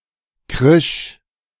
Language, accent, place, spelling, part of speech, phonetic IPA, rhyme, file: German, Germany, Berlin, krisch, verb, [kʁɪʃ], -ɪʃ, De-krisch.ogg
- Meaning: first/third-person singular preterite of kreischen